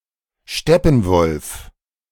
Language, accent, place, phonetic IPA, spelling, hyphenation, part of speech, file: German, Germany, Berlin, [ˈʃtɛpn̩ˌvɔlf], Steppenwolf, Step‧pen‧wolf, noun, De-Steppenwolf.ogg
- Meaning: 1. steppe wolf (Canis lupus campestris) 2. coyote (Canis latrans)